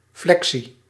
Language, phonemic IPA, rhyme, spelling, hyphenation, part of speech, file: Dutch, /ˈflɛk.si/, -ɛksi, flexie, flexie, noun, Nl-flexie.ogg
- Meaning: 1. inflection, flexion 2. flexion (bending)